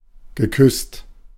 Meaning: past participle of küssen
- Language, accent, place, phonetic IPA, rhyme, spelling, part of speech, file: German, Germany, Berlin, [ɡəˈkʏst], -ʏst, geküsst, verb, De-geküsst.ogg